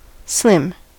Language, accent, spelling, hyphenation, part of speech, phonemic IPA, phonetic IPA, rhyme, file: English, US, slim, slim, adjective / noun / verb, /ˈslɪm/, [ˈslɪm], -ɪm, En-us-slim.ogg
- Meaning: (adjective) Slender; thin.: 1. Slender in an attractive way 2. Designed to make the wearer appear slim 3. Long and narrow 4. Of a reduced size, with the intent of being more efficient